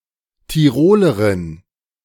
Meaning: female equivalent of Tiroler: female Tyrolean (a female person from Tyrol)
- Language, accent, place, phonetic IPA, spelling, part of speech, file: German, Germany, Berlin, [tiˈʁoːləʁɪn], Tirolerin, noun, De-Tirolerin.ogg